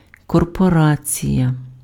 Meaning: corporation
- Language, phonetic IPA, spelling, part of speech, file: Ukrainian, [kɔrpɔˈrat͡sʲijɐ], корпорація, noun, Uk-корпорація.ogg